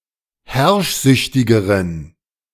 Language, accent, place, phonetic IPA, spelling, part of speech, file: German, Germany, Berlin, [ˈhɛʁʃˌzʏçtɪɡəʁən], herrschsüchtigeren, adjective, De-herrschsüchtigeren.ogg
- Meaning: inflection of herrschsüchtig: 1. strong genitive masculine/neuter singular comparative degree 2. weak/mixed genitive/dative all-gender singular comparative degree